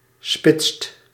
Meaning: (adjective) superlative degree of spits; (verb) inflection of spitsen: 1. second/third-person singular present indicative 2. plural imperative
- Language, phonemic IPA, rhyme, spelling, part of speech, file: Dutch, /spɪtst/, -ɪtst, spitst, adjective / verb, Nl-spitst.ogg